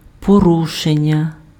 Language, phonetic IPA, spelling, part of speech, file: Ukrainian, [poˈruʃenʲːɐ], порушення, noun, Uk-порушення.ogg
- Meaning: 1. verbal noun of пору́шити pf (porúšyty) 2. violation, breach, infringement, contravention 3. disorder, disturbance